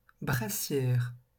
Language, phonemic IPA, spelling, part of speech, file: French, /bʁa.sjɛʁ/, brassière, noun, LL-Q150 (fra)-brassière.wav
- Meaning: 1. child's vest 2. life jacket 3. brassiere, bra